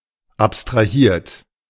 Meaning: 1. past participle of abstrahieren 2. inflection of abstrahieren: third-person singular present 3. inflection of abstrahieren: second-person plural present
- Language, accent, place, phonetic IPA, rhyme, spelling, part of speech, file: German, Germany, Berlin, [ˌapstʁaˈhiːɐ̯t], -iːɐ̯t, abstrahiert, verb, De-abstrahiert.ogg